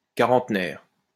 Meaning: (adjective) forty years old; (noun) 1. forty-year-old 2. person aged between 40 and 49 3. fourtieth anniversary
- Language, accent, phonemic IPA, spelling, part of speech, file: French, France, /ka.ʁɑ̃t.nɛʁ/, quarantenaire, adjective / noun, LL-Q150 (fra)-quarantenaire.wav